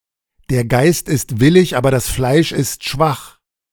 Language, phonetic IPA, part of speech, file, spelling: German, [dɛɐ̯ ˈɡaɪ̯st ɪst ˈvɪlɪç ˈaːbɐ das ˈflaɪ̯ʃ ɪst ˈʃʋaχ], proverb, De-der Geist ist willig aber das Fleisch ist schwach.ogg, der Geist ist willig, aber das Fleisch ist schwach
- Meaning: the spirit is willing but the flesh is weak